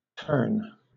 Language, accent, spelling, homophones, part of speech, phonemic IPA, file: English, Southern England, terne, tern, adjective / noun, /tɜːn/, LL-Q1860 (eng)-terne.wav
- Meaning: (adjective) Colourless, drab, dull; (noun) An alloy coating made of lead and tin (or, more recently, zinc and tin), often with some antimony, used to cover iron or steel